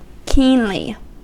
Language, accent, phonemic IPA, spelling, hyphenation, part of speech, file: English, US, /ˈkiːnli/, keenly, keen‧ly, adverb, En-us-keenly.ogg
- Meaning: In a keen manner